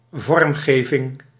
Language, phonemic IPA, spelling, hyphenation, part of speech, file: Dutch, /ˈvɔrm.ɣeː.vɪŋ/, vormgeving, vorm‧ge‧ving, noun, Nl-vormgeving.ogg
- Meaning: design